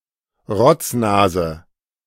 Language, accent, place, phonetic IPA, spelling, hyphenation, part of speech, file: German, Germany, Berlin, [ˈʁɔt͡sˌnaːzə], Rotznase, Rotz‧na‧se, noun, De-Rotznase.ogg
- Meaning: 1. runny nose 2. snot-nosed child, snot-nosed kid